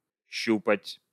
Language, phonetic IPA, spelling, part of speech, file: Russian, [ˈɕːupətʲ], щупать, verb, Ru-щупать.ogg
- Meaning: 1. to feel, to touch; to grope 2. to probe